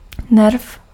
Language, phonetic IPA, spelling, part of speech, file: Czech, [ˈnɛrf], nerv, noun, Cs-nerv.ogg
- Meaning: nerve (bundle of neurons with their connective tissue sheaths, blood vessels and lymphatics)